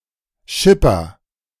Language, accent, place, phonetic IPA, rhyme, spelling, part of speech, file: German, Germany, Berlin, [ˈʃɪpɐ], -ɪpɐ, Schipper, noun, De-Schipper.ogg
- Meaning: alternative form of Schiffer (“sailor, skipper, especially in inland navigation”)